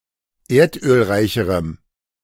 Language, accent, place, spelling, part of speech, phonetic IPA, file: German, Germany, Berlin, erdölreicherem, adjective, [ˈeːɐ̯tʔøːlˌʁaɪ̯çəʁəm], De-erdölreicherem.ogg
- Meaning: strong dative masculine/neuter singular comparative degree of erdölreich